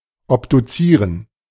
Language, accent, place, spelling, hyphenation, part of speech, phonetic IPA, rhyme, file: German, Germany, Berlin, obduzieren, ob‧du‧zie‧ren, verb, [ɔpduˈt͡siːʁən], -iːʁən, De-obduzieren.ogg
- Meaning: to autopsy